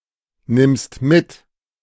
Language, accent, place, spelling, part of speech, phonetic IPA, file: German, Germany, Berlin, nimmst mit, verb, [ˌnɪmst ˈmɪt], De-nimmst mit.ogg
- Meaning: second-person singular present of mitnehmen